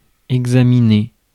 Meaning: to examine
- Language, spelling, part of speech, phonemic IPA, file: French, examiner, verb, /ɛɡ.za.mi.ne/, Fr-examiner.ogg